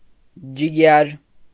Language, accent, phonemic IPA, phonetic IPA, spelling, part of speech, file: Armenian, Eastern Armenian, /d͡ʒiˈɡjɑɾ/, [d͡ʒiɡjɑ́ɾ], ջիգյար, noun, Hy-ջիգյար.ogg
- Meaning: 1. liver 2. liver and lungs of a slaughtered animal 3. heart 4. kin, kinsman 5. a term of endearment; dear, darling